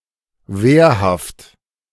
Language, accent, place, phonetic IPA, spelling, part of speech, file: German, Germany, Berlin, [ˈveːɐ̯haft], wehrhaft, adjective, De-wehrhaft.ogg
- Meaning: 1. able and willing to defend itself 2. well-fortified